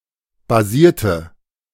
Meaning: inflection of basieren: 1. first/third-person singular preterite 2. first/third-person singular subjunctive II
- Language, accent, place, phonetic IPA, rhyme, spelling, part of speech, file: German, Germany, Berlin, [baˈziːɐ̯tə], -iːɐ̯tə, basierte, adjective / verb, De-basierte.ogg